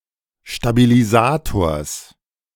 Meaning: genitive singular of Stabilisator
- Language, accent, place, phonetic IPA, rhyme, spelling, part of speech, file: German, Germany, Berlin, [ʃtabiliˈzaːtoːɐ̯s], -aːtoːɐ̯s, Stabilisators, noun, De-Stabilisators.ogg